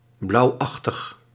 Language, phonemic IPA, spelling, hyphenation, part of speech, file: Dutch, /ˈblɑu̯.ɑx.təx/, blauwachtig, blauw‧ach‧tig, adjective, Nl-blauwachtig.ogg
- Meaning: bluish, somewhat or resembling blue